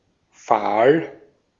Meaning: 1. pale; faint 2. sallow; pale (discoloured due to sickness, shock, etc.) 3. pale; dun-coloured 4. fair; blond
- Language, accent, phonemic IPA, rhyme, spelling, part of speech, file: German, Austria, /faːl/, -aːl, fahl, adjective, De-at-fahl.ogg